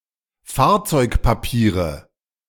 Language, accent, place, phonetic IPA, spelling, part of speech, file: German, Germany, Berlin, [ˈfaːɐ̯t͡sɔɪ̯kpaˌpiːʁə], Fahrzeugpapiere, noun, De-Fahrzeugpapiere.ogg
- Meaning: car documents